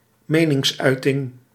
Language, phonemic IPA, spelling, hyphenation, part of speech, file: Dutch, /ˈmeːnɪŋsˌœy̯tɪŋ/, meningsuiting, me‧nings‧ui‧ting, noun, Nl-meningsuiting.ogg
- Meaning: expression (of opinions)